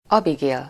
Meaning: a female given name, equivalent to English Abigail
- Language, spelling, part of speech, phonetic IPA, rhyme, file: Hungarian, Abigél, proper noun, [ˈɒbiɡeːl], -eːl, Hu-Abigél.ogg